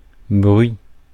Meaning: 1. a noise 2. a rumor or report
- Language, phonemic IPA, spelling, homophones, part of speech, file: French, /bʁɥi/, bruit, bruits, noun, Fr-bruit.ogg